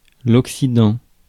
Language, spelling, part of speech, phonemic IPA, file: French, occident, noun, /ɔk.si.dɑ̃/, Fr-occident.ogg
- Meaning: 1. west (compass point) 2. alternative letter-case form of Occident